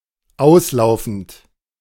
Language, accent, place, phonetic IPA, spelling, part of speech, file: German, Germany, Berlin, [ˈaʊ̯sˌlaʊ̯fn̩t], auslaufend, verb, De-auslaufend.ogg
- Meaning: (verb) present participle of auslaufen; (adjective) outbound, outgoing